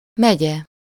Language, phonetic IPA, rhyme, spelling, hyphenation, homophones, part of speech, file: Hungarian, [ˈmɛɟɛ], -ɟɛ, megye, me‧gye, megy-e, noun, Hu-megye.ogg
- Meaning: county, shire (administrative region of a country)